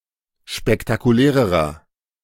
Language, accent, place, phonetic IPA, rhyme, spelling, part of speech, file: German, Germany, Berlin, [ʃpɛktakuˈlɛːʁəʁɐ], -ɛːʁəʁɐ, spektakulärerer, adjective, De-spektakulärerer.ogg
- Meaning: inflection of spektakulär: 1. strong/mixed nominative masculine singular comparative degree 2. strong genitive/dative feminine singular comparative degree 3. strong genitive plural comparative degree